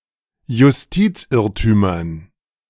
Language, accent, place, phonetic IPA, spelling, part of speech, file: German, Germany, Berlin, [jʊsˈtiːt͡sˌʔɪʁtyːmɐn], Justizirrtümern, noun, De-Justizirrtümern.ogg
- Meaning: dative plural of Justizirrtum